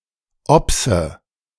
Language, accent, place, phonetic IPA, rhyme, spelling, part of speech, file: German, Germany, Berlin, [ˈɔpsə], -ɔpsə, obse, verb, De-obse.ogg
- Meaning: inflection of obsen: 1. first-person singular present 2. first/third-person singular subjunctive I 3. singular imperative